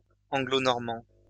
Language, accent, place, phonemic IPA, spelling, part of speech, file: French, France, Lyon, /ɑ̃.ɡlo.nɔʁ.mɑ̃/, anglo-normand, adjective / noun, LL-Q150 (fra)-anglo-normand.wav
- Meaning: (adjective) Anglo-Norman